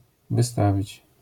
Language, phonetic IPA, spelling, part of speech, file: Polish, [vɨˈstavʲit͡ɕ], wystawić, verb, LL-Q809 (pol)-wystawić.wav